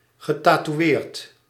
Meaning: past participle of tatoeëren
- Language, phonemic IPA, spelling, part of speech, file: Dutch, /ɣəˌtatuˈwert/, getatoeëerd, verb / adjective, Nl-getatoeëerd.ogg